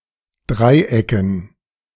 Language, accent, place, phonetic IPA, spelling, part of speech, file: German, Germany, Berlin, [ˈdʁaɪ̯ˌʔɛkn̩], Dreiecken, noun, De-Dreiecken.ogg
- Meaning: dative plural of Dreieck